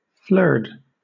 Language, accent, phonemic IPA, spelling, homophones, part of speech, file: English, Southern England, /flɜːd/, flerd, flurred, noun, LL-Q1860 (eng)-flerd.wav
- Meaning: A mixed group of ruminants, such as sheep and cattle